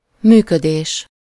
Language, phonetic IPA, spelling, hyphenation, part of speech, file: Hungarian, [ˈmyːkødeːʃ], működés, mű‧kö‧dés, noun, Hu-működés.ogg
- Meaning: functioning, operation